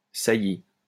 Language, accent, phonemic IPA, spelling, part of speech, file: French, France, /sa.ji/, saillie, noun / verb, LL-Q150 (fra)-saillie.wav
- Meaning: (noun) 1. projection, protrusion 2. spurt 3. sally, sortie 4. copulation; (verb) feminine singular of sailli